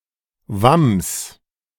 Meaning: 1. doublet 2. jerkin
- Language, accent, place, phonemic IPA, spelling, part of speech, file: German, Germany, Berlin, /vams/, Wams, noun, De-Wams.ogg